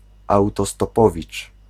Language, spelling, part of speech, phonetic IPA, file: Polish, autostopowicz, noun, [ˌawtɔstɔˈpɔvʲit͡ʃ], Pl-autostopowicz.ogg